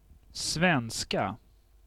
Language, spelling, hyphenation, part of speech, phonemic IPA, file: Swedish, svenska, sven‧ska, noun / adjective, /²svɛnska/, Sv-svenska.ogg
- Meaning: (noun) 1. Swedish (language) 2. a female Swede; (adjective) inflection of svensk: 1. definite singular 2. plural